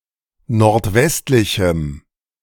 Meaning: strong dative masculine/neuter singular of nordwestlich
- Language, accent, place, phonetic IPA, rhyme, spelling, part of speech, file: German, Germany, Berlin, [nɔʁtˈvɛstlɪçm̩], -ɛstlɪçm̩, nordwestlichem, adjective, De-nordwestlichem.ogg